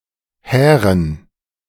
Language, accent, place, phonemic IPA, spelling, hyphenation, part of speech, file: German, Germany, Berlin, /ˈhɛːʁən/, hären, hä‧ren, adjective, De-hären.ogg
- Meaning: made of hair (usually horse or goat)